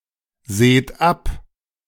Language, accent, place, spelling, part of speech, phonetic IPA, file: German, Germany, Berlin, seht ab, verb, [ˌzeːt ˈap], De-seht ab.ogg
- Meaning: second-person plural present of absehen